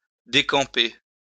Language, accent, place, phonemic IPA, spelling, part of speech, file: French, France, Lyon, /de.kɑ̃.pe/, décamper, verb, LL-Q150 (fra)-décamper.wav
- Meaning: 1. to decamp, to break camp (to pack up a campsite and move on) 2. to clear off, to buzz off, to hop it